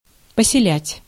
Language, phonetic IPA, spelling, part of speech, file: Russian, [pəsʲɪˈlʲætʲ], поселять, verb, Ru-поселять.ogg
- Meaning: 1. to settle, to lodge 2. to inspire, to engender